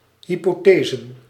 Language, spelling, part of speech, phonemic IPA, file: Dutch, hypothesen, noun, /ˌhipoˈtezə(n)/, Nl-hypothesen.ogg
- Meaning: plural of hypothese